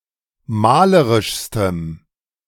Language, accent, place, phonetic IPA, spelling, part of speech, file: German, Germany, Berlin, [ˈmaːləʁɪʃstəm], malerischstem, adjective, De-malerischstem.ogg
- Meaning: strong dative masculine/neuter singular superlative degree of malerisch